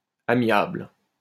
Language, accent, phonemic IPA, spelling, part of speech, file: French, France, /a.mjabl/, amiable, adjective, LL-Q150 (fra)-amiable.wav
- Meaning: amiable